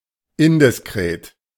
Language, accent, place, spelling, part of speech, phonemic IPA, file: German, Germany, Berlin, indiskret, adjective, /ˈɪndɪsˌkʁeːt/, De-indiskret.ogg
- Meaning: indiscreet